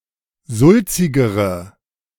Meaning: inflection of sulzig: 1. strong/mixed nominative/accusative feminine singular comparative degree 2. strong nominative/accusative plural comparative degree
- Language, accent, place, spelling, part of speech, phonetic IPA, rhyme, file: German, Germany, Berlin, sulzigere, adjective, [ˈzʊlt͡sɪɡəʁə], -ʊlt͡sɪɡəʁə, De-sulzigere.ogg